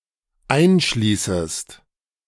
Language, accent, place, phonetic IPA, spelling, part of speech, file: German, Germany, Berlin, [ˈaɪ̯nˌʃliːsəst], einschließest, verb, De-einschließest.ogg
- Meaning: second-person singular dependent subjunctive I of einschließen